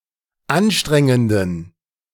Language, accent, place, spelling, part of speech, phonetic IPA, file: German, Germany, Berlin, anstrengenden, adjective, [ˈanˌʃtʁɛŋəndn̩], De-anstrengenden.ogg
- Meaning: inflection of anstrengend: 1. strong genitive masculine/neuter singular 2. weak/mixed genitive/dative all-gender singular 3. strong/weak/mixed accusative masculine singular 4. strong dative plural